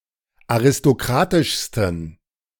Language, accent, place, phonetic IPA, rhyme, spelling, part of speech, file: German, Germany, Berlin, [aʁɪstoˈkʁaːtɪʃstn̩], -aːtɪʃstn̩, aristokratischsten, adjective, De-aristokratischsten.ogg
- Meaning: 1. superlative degree of aristokratisch 2. inflection of aristokratisch: strong genitive masculine/neuter singular superlative degree